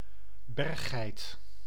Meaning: one of several goat antelopes that inhabit mountain regions, including (subspecies of) Capra aegagrus (wild goat) and of Oreamnos americanus (mountain goat)
- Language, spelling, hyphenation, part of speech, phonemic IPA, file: Dutch, berggeit, berg‧geit, noun, /ˈbɛrxɛi̯t/, Nl-berggeit.ogg